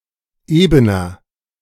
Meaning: 1. comparative degree of eben 2. inflection of eben: strong/mixed nominative masculine singular 3. inflection of eben: strong genitive/dative feminine singular
- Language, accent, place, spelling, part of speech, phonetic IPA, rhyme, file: German, Germany, Berlin, ebener, adjective, [ˈeːbənɐ], -eːbənɐ, De-ebener.ogg